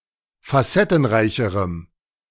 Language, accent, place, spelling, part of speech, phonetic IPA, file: German, Germany, Berlin, facettenreicherem, adjective, [faˈsɛtn̩ˌʁaɪ̯çəʁəm], De-facettenreicherem.ogg
- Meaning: strong dative masculine/neuter singular comparative degree of facettenreich